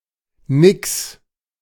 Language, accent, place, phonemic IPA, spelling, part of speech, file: German, Germany, Berlin, /nɪks/, Nix, noun, De-Nix.ogg
- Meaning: nix (water demon in human form that lures people into the water and drowns them)